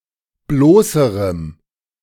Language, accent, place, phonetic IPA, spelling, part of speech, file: German, Germany, Berlin, [ˈbloːsəʁəm], bloßerem, adjective, De-bloßerem.ogg
- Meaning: strong dative masculine/neuter singular comparative degree of bloß